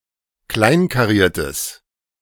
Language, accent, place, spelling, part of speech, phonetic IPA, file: German, Germany, Berlin, kleinkariertes, adjective, [ˈklaɪ̯nkaˌʁiːɐ̯təs], De-kleinkariertes.ogg
- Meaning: strong/mixed nominative/accusative neuter singular of kleinkariert